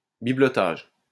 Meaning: the making/buying/selling/collecting of knickknacks
- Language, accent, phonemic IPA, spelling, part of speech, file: French, France, /bi.blɔ.taʒ/, bibelotage, noun, LL-Q150 (fra)-bibelotage.wav